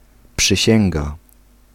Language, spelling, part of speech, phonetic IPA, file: Polish, przysięga, noun, [pʃɨˈɕɛ̃ŋɡa], Pl-przysięga.ogg